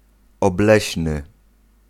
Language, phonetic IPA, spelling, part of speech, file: Polish, [ɔbˈlɛɕnɨ], obleśny, adjective, Pl-obleśny.ogg